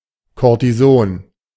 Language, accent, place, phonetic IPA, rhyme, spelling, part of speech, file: German, Germany, Berlin, [ˌkoʁtiˈzoːn], -oːn, Cortison, noun, De-Cortison.ogg
- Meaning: alternative form of Kortison